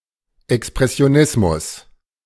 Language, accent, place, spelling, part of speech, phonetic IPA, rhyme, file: German, Germany, Berlin, Expressionismus, noun, [ɛkspʁɛsi̯oˈnɪsmʊs], -ɪsmʊs, De-Expressionismus.ogg
- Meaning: expressionism